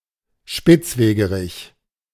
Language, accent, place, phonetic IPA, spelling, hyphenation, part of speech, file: German, Germany, Berlin, [ˈʃpɪt͡sˌveːɡəˌʁɪç], Spitzwegerich, Spitz‧we‧ge‧rich, noun, De-Spitzwegerich.ogg
- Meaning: ribwort (Plantago lanceolata)